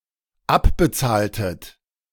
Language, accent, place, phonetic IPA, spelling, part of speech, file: German, Germany, Berlin, [ˈapbəˌt͡saːltət], abbezahltet, verb, De-abbezahltet.ogg
- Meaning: inflection of abbezahlen: 1. second-person plural dependent preterite 2. second-person plural dependent subjunctive II